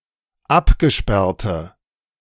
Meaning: inflection of abgesperrt: 1. strong/mixed nominative/accusative feminine singular 2. strong nominative/accusative plural 3. weak nominative all-gender singular
- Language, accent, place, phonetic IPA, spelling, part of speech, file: German, Germany, Berlin, [ˈapɡəˌʃpɛʁtə], abgesperrte, adjective, De-abgesperrte.ogg